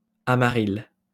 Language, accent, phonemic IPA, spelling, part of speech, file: French, France, /a.ma.ʁil/, amaril, adjective, LL-Q150 (fra)-amaril.wav
- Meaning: yellow fever